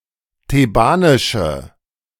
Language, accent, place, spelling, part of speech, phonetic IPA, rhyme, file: German, Germany, Berlin, thebanische, adjective, [teˈbaːnɪʃə], -aːnɪʃə, De-thebanische.ogg
- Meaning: inflection of thebanisch: 1. strong/mixed nominative/accusative feminine singular 2. strong nominative/accusative plural 3. weak nominative all-gender singular